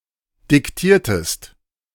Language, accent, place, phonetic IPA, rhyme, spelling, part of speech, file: German, Germany, Berlin, [dɪkˈtiːɐ̯təst], -iːɐ̯təst, diktiertest, verb, De-diktiertest.ogg
- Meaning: inflection of diktieren: 1. second-person singular preterite 2. second-person singular subjunctive II